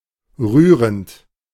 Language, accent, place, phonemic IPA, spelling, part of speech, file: German, Germany, Berlin, /ˈʁyːʁənt/, rührend, verb / adjective, De-rührend.ogg
- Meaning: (verb) present participle of rühren; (adjective) touching; heart-warming